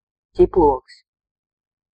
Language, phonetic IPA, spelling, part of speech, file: Latvian, [cipluōks], ķiploks, noun, Lv-ķiploks.ogg
- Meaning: 1. garlic (herbaceous plant, sp. Allium sativum, with pungent edible bulbs) 2. garlic (the bulbs of this plant, much used for cooking)